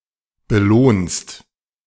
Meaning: second-person singular present of belohnen
- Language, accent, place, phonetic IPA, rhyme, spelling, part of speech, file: German, Germany, Berlin, [bəˈloːnst], -oːnst, belohnst, verb, De-belohnst.ogg